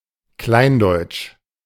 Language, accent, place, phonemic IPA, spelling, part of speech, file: German, Germany, Berlin, /ˈklaɪ̯nˌdɔʏ̯t͡ʃ/, kleindeutsch, adjective, De-kleindeutsch.ogg
- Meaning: of a small Germany without union with Austria and other German-speaking areas